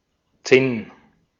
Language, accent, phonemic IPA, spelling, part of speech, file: German, Austria, /ˈtsɪn/, Zinn, noun / proper noun, De-at-Zinn.ogg
- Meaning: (noun) tin; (proper noun) a surname